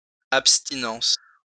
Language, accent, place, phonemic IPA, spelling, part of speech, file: French, France, Lyon, /ap.sti.nɑ̃s/, abstinence, noun, LL-Q150 (fra)-abstinence.wav
- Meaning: 1. abstinence (act or practice of abstaining) 2. abstinence (specifically act or practice of abstaining from alcohol) 3. abstinence (specifically act or practice of abstaining from sexual relations)